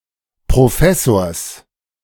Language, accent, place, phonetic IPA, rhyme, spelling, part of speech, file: German, Germany, Berlin, [pʁoˈfɛsoːɐ̯s], -ɛsoːɐ̯s, Professors, noun, De-Professors.ogg
- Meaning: genitive singular of Professor